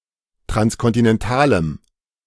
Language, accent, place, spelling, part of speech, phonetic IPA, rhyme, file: German, Germany, Berlin, transkontinentalem, adjective, [tʁanskɔntɪnɛnˈtaːləm], -aːləm, De-transkontinentalem.ogg
- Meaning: strong dative masculine/neuter singular of transkontinental